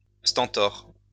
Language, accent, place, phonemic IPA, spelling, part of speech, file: French, France, Lyon, /stɛ̃.tɔʁ/, stentor, noun, LL-Q150 (fra)-stentor.wav
- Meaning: stentor